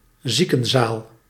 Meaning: an infirmary, a hospital ward
- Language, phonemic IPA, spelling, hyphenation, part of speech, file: Dutch, /ˈzi.kə(n)ˌzaːl/, ziekenzaal, zie‧ken‧zaal, noun, Nl-ziekenzaal.ogg